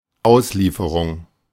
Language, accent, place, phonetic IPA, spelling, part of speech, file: German, Germany, Berlin, [ˈaʊ̯sˌliːfəʁʊŋ], Auslieferung, noun, De-Auslieferung.ogg
- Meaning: 1. delivery, distribution 2. extradition